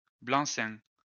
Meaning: 1. blank signature 2. a document so signed, a blank check etc 3. carte blanche, license, free rein
- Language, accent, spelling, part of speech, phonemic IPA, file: French, France, blanc-seing, noun, /blɑ̃.sɛ̃/, LL-Q150 (fra)-blanc-seing.wav